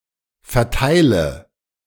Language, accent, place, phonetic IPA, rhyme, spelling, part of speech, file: German, Germany, Berlin, [fɛɐ̯ˈtaɪ̯lə], -aɪ̯lə, verteile, verb, De-verteile.ogg
- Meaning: inflection of verteilen: 1. first-person singular present 2. singular imperative 3. first/third-person singular subjunctive I